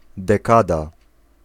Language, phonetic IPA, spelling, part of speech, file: Polish, [dɛˈkada], dekada, noun, Pl-dekada.ogg